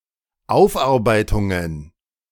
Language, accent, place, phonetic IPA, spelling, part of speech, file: German, Germany, Berlin, [ˈaʊ̯fʔaʁˌbaɪ̯tʊŋən], Aufarbeitungen, noun, De-Aufarbeitungen.ogg
- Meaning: plural of Aufarbeitung